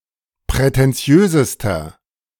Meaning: inflection of prätentiös: 1. strong/mixed nominative masculine singular superlative degree 2. strong genitive/dative feminine singular superlative degree 3. strong genitive plural superlative degree
- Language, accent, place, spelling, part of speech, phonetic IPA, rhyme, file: German, Germany, Berlin, prätentiösester, adjective, [pʁɛtɛnˈt͡si̯øːzəstɐ], -øːzəstɐ, De-prätentiösester.ogg